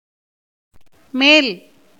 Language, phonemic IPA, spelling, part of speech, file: Tamil, /meːl/, மேல், adjective / noun / postposition / particle / adverb, Ta-மேல்.ogg
- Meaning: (adjective) 1. up, above, upper, higher 2. superior, better 3. west, western; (noun) 1. that which is above or over; upper side; surface 2. the sky, visible heavens 3. west 4. leadership; superiority